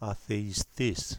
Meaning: atheist
- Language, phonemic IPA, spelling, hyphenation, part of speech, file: Greek, /aθeiˈstis/, αθεϊστής, α‧θε‧ϊ‧στής, noun, Ell-Atheistis.ogg